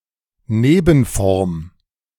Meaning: variant
- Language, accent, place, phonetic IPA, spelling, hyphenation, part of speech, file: German, Germany, Berlin, [ˈneːbn̩ˌfɔʁm], Nebenform, Ne‧ben‧form, noun, De-Nebenform.ogg